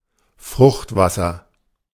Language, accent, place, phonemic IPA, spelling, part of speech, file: German, Germany, Berlin, /ˈfʁʊxtˌvasɐ/, Fruchtwasser, noun, De-Fruchtwasser.ogg
- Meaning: amniotic fluid